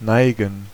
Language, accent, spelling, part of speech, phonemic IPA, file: German, Germany, neigen, verb, /ˈnaɪ̯ɡən/, De-neigen.ogg
- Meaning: 1. to incline, slant, tilt, bend, lower (move something in some direction by bowing or turning slightly) 2. to incline, slant, lean, bow (intransitive use always requires an adverb of place)